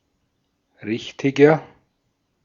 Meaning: 1. comparative degree of richtig 2. inflection of richtig: strong/mixed nominative masculine singular 3. inflection of richtig: strong genitive/dative feminine singular
- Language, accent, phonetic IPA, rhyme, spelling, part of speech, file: German, Austria, [ˈʁɪçtɪɡɐ], -ɪçtɪɡɐ, richtiger, adjective, De-at-richtiger.ogg